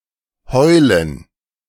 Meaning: 1. to howl, to whine (make a loud, usually high-pitched sound) 2. to weep, to cry (see usage notes)
- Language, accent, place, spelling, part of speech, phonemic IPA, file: German, Germany, Berlin, heulen, verb, /ˈhɔʏ̯lən/, De-heulen.ogg